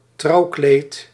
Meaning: wedding dress
- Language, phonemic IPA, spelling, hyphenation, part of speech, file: Dutch, /ˈtrɑuklet/, trouwkleed, trouw‧kleed, noun, Nl-trouwkleed.ogg